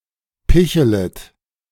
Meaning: second-person plural subjunctive I of picheln
- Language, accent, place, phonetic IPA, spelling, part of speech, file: German, Germany, Berlin, [ˈpɪçələt], pichelet, verb, De-pichelet.ogg